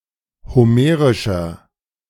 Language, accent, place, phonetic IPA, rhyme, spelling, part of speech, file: German, Germany, Berlin, [hoˈmeːʁɪʃɐ], -eːʁɪʃɐ, homerischer, adjective, De-homerischer.ogg
- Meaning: 1. comparative degree of homerisch 2. inflection of homerisch: strong/mixed nominative masculine singular 3. inflection of homerisch: strong genitive/dative feminine singular